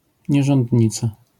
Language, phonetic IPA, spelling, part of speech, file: Polish, [ˌɲɛʒɔ̃ndʲˈɲit͡sa], nierządnica, noun, LL-Q809 (pol)-nierządnica.wav